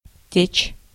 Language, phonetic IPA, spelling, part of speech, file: Russian, [tʲet͡ɕ], течь, verb / noun, Ru-течь.ogg
- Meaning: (verb) 1. to flow, to run, to stream, to move 2. to leak; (noun) leak